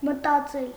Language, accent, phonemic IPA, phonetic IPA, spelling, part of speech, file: Armenian, Eastern Armenian, /mətɑˈt͡sel/, [mətɑt͡sél], մտածել, verb, Hy-մտածել.ogg
- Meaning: 1. to think 2. to contemplate, to reflect upon 3. to think, to believe 4. to intend, to plan 5. to worry, to be anxious 6. to have an idea